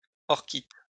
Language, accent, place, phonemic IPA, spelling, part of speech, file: French, France, Lyon, /ɔʁ.kit/, orchite, noun, LL-Q150 (fra)-orchite.wav
- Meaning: orchitis